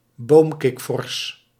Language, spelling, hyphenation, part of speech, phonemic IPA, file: Dutch, boomkikvors, boom‧kik‧vors, noun, /ˈboːmˌkɪk.fɔrs/, Nl-boomkikvors.ogg
- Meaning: tree frog, frog of the family Hylidae